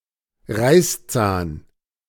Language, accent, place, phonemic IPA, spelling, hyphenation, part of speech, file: German, Germany, Berlin, /ˈʁaɪ̯sˌt͡saːn/, Reißzahn, Reiß‧zahn, noun, De-Reißzahn.ogg
- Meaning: fang, canine tooth